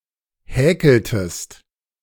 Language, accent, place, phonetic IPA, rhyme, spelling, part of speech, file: German, Germany, Berlin, [ˈhɛːkl̩təst], -ɛːkl̩təst, häkeltest, verb, De-häkeltest.ogg
- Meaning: inflection of häkeln: 1. second-person singular preterite 2. second-person singular subjunctive II